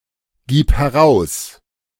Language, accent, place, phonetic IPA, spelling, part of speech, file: German, Germany, Berlin, [ˌɡiːp hɛˈʁaʊ̯s], gib heraus, verb, De-gib heraus.ogg
- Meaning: singular imperative of herausgeben